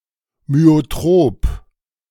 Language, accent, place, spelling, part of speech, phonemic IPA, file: German, Germany, Berlin, myotrop, adjective, /myoˈtʁoːp/, De-myotrop.ogg
- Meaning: myotropic